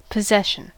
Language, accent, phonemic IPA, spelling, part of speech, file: English, US, /pəˈzɛʃn̩/, possession, noun / verb, En-us-possession.ogg
- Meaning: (noun) 1. A control or occupancy of something for which one does not necessarily have private property rights 2. Something that is owned